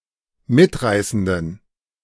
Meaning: inflection of mitreißend: 1. strong genitive masculine/neuter singular 2. weak/mixed genitive/dative all-gender singular 3. strong/weak/mixed accusative masculine singular 4. strong dative plural
- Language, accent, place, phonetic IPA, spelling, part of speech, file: German, Germany, Berlin, [ˈmɪtˌʁaɪ̯sn̩dən], mitreißenden, adjective, De-mitreißenden.ogg